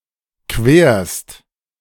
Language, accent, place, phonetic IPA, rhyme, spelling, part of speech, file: German, Germany, Berlin, [kveːɐ̯st], -eːɐ̯st, querst, verb, De-querst.ogg
- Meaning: second-person singular present of queren